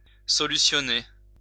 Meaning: to solve
- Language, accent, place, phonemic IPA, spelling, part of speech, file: French, France, Lyon, /sɔ.ly.sjɔ.ne/, solutionner, verb, LL-Q150 (fra)-solutionner.wav